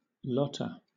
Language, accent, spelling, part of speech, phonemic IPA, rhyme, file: English, Southern England, lotta, contraction, /ˈlɒtə/, -ɒtə, LL-Q1860 (eng)-lotta.wav
- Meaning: Contraction of lot + of